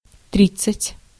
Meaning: thirty (30)
- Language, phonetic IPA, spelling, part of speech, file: Russian, [ˈtrʲit͡s(ː)ɨtʲ], тридцать, numeral, Ru-тридцать.ogg